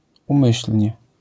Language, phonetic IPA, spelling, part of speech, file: Polish, [ũˈmɨɕl̥ʲɲɛ], umyślnie, adverb, LL-Q809 (pol)-umyślnie.wav